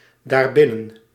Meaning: pronominal adverb form of binnen + dat
- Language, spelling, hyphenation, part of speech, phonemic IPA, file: Dutch, daarbinnen, daar‧bin‧nen, adverb, /ˌdaːrˈbɪ.nə(n)/, Nl-daarbinnen.ogg